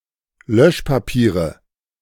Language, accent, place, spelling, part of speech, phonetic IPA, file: German, Germany, Berlin, Löschpapiere, noun, [ˈlœʃpaˌpiːʁə], De-Löschpapiere.ogg
- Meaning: 1. nominative/accusative/genitive plural of Löschpapier 2. dative singular of Löschpapier